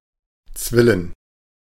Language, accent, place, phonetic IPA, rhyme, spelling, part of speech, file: German, Germany, Berlin, [ˈt͡svɪlən], -ɪlən, Zwillen, noun, De-Zwillen.ogg
- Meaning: plural of Zwille